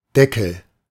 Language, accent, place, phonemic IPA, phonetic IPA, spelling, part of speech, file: German, Germany, Berlin, /ˈdɛkəl/, [ˈdɛ.kʰl̩], Deckel, noun, De-Deckel.ogg
- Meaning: 1. lid, cap (the cover of a container) 2. ellipsis of Bierdeckel (“beer mat”) 3. headwear, hat 4. cap (artificial upper limit or ceiling)